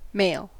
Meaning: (adjective) 1. Belonging to the sex which typically produces sperm, or to the gender which is typically associated with it 2. Characteristic of this sex/gender. (Compare masculine, manly.)
- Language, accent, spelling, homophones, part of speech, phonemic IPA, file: English, US, male, mail, adjective / noun, /meɪl/, En-us-male.ogg